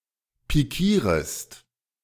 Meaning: second-person singular subjunctive I of pikieren
- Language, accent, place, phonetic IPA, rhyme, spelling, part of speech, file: German, Germany, Berlin, [piˈkiːʁəst], -iːʁəst, pikierest, verb, De-pikierest.ogg